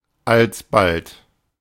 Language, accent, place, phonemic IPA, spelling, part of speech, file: German, Germany, Berlin, /alsˈbalt/, alsbald, adverb, De-alsbald.ogg
- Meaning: 1. at once, immediately 2. soon after, shortly